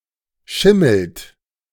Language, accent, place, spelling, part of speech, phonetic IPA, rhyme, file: German, Germany, Berlin, schimmelt, verb, [ˈʃɪml̩t], -ɪml̩t, De-schimmelt.ogg
- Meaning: inflection of schimmeln: 1. third-person singular present 2. second-person plural present 3. plural imperative